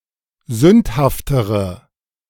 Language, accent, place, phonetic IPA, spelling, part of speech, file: German, Germany, Berlin, [ˈzʏnthaftəʁə], sündhaftere, adjective, De-sündhaftere.ogg
- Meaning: inflection of sündhaft: 1. strong/mixed nominative/accusative feminine singular comparative degree 2. strong nominative/accusative plural comparative degree